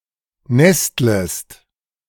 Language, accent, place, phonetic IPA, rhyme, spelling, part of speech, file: German, Germany, Berlin, [ˈnɛstləst], -ɛstləst, nestlest, verb, De-nestlest.ogg
- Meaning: second-person singular subjunctive I of nesteln